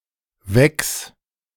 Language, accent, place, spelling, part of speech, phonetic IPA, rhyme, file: German, Germany, Berlin, Wecks, noun, [vɛks], -ɛks, De-Wecks.ogg
- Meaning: genitive singular of Weck